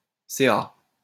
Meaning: 1. initialism of conseil d'administration 2. initialism of chiffre d'affaires 3. initialism of courant alternatif (“AC or alternating current”)
- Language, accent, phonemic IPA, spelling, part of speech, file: French, France, /se.a/, CA, noun, LL-Q150 (fra)-CA.wav